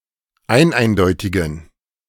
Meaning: inflection of eineindeutig: 1. strong genitive masculine/neuter singular 2. weak/mixed genitive/dative all-gender singular 3. strong/weak/mixed accusative masculine singular 4. strong dative plural
- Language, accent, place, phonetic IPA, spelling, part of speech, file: German, Germany, Berlin, [ˈaɪ̯nˌʔaɪ̯ndɔɪ̯tɪɡn̩], eineindeutigen, adjective, De-eineindeutigen.ogg